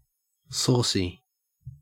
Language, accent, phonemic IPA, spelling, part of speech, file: English, Australia, /ˈsoːsi/, saucy, adjective, En-au-saucy.ogg
- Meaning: 1. Similar to sauce; having the consistency or texture of sauce 2. Impertinent or disrespectful, often in a manner that is regarded as entertaining or amusing; smart 3. Impudently bold; pert